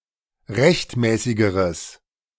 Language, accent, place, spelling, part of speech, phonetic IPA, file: German, Germany, Berlin, rechtmäßigeres, adjective, [ˈʁɛçtˌmɛːsɪɡəʁəs], De-rechtmäßigeres.ogg
- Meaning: strong/mixed nominative/accusative neuter singular comparative degree of rechtmäßig